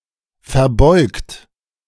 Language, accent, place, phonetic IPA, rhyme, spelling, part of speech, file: German, Germany, Berlin, [fɛɐ̯ˈbɔɪ̯kt], -ɔɪ̯kt, verbeugt, verb, De-verbeugt.ogg
- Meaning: 1. past participle of verbeugen 2. inflection of verbeugen: third-person singular present 3. inflection of verbeugen: second-person plural present 4. inflection of verbeugen: plural imperative